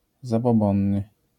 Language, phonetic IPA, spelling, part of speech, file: Polish, [ˌzabɔˈbɔ̃nːɨ], zabobonny, adjective, LL-Q809 (pol)-zabobonny.wav